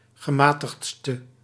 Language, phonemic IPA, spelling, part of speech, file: Dutch, /ɣəˈmaː.təxtst/, gematigdste, adjective, Nl-gematigdste.ogg
- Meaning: inflection of gematigdst, the superlative degree of gematigd: 1. masculine/feminine singular attributive 2. definite neuter singular attributive 3. plural attributive